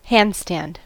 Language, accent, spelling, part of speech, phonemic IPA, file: English, US, handstand, noun / verb, /ˈhændˌstænd/, En-us-handstand.ogg
- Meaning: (noun) 1. The act of standing on one's hands, most often in an inverted way 2. The position of standing on one's hands 3. Synonym of headstand; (verb) To perform a handstand